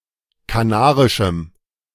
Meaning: strong dative masculine/neuter singular of kanarisch
- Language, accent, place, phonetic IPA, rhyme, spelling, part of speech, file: German, Germany, Berlin, [kaˈnaːʁɪʃm̩], -aːʁɪʃm̩, kanarischem, adjective, De-kanarischem.ogg